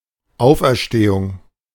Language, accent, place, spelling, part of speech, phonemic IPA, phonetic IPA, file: German, Germany, Berlin, Auferstehung, noun, /ˈaʊ̯fɛʁˈʃteːʊŋ/, [ˈʔaʊ̯fʔɛʁˈʃteːʊŋ], De-Auferstehung.ogg
- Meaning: resurrection